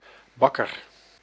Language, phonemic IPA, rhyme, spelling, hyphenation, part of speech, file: Dutch, /ˈbɑ.kər/, -ɑkər, bakker, bak‧ker, noun, Nl-bakker.ogg
- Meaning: baker (person who bakes and sells bread, etc)